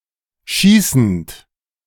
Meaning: present participle of schießen
- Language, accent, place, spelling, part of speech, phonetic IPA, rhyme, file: German, Germany, Berlin, schießend, verb, [ˈʃiːsn̩t], -iːsn̩t, De-schießend.ogg